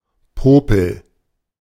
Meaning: 1. booger, boogers, bogey (piece of solid or semisolid mucus in or removed from the nostril) 2. hickey (printing defect caused by foreign matter on the printing surface)
- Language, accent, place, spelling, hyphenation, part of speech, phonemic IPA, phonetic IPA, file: German, Germany, Berlin, Popel, Po‧pel, noun, /ˈpoːpəl/, [ˈpʰoː.pʰl̩], De-Popel.ogg